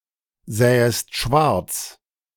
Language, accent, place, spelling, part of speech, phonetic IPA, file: German, Germany, Berlin, sähest schwarz, verb, [ˌzɛːəst ˈʃvaʁt͡s], De-sähest schwarz.ogg
- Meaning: second-person singular subjunctive II of schwarzsehen